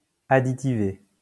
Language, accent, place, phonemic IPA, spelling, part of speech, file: French, France, Lyon, /a.di.ti.ve/, additivé, adjective, LL-Q150 (fra)-additivé.wav
- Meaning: treated with an additive